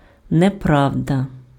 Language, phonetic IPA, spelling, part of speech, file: Ukrainian, [neˈprau̯dɐ], неправда, noun, Uk-неправда.ogg
- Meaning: untruth, falsehood, lie